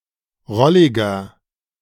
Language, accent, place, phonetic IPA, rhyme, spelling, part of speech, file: German, Germany, Berlin, [ˈʁɔlɪɡɐ], -ɔlɪɡɐ, rolliger, adjective, De-rolliger.ogg
- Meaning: 1. comparative degree of rollig 2. inflection of rollig: strong/mixed nominative masculine singular 3. inflection of rollig: strong genitive/dative feminine singular